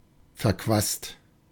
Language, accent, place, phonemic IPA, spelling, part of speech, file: German, Germany, Berlin, /ˌfɛɐ̯ˈkvaːst/, verquast, adjective, De-verquast.ogg
- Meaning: confused; strange